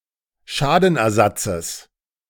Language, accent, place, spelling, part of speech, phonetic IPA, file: German, Germany, Berlin, Schadenersatzes, noun, [ˈʃaːdn̩ʔɛɐ̯ˌzat͡səs], De-Schadenersatzes.ogg
- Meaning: genitive of Schadenersatz